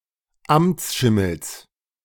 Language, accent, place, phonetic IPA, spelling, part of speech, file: German, Germany, Berlin, [ˈamt͡sˌʃɪml̩s], Amtsschimmels, noun, De-Amtsschimmels.ogg
- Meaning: genitive singular of Amtsschimmel